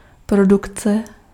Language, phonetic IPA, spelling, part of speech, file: Czech, [ˈprodukt͡sɛ], produkce, noun, Cs-produkce.ogg
- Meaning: production